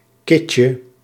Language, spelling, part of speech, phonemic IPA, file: Dutch, kitje, noun, /ˈkɪcə/, Nl-kitje.ogg
- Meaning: diminutive of kit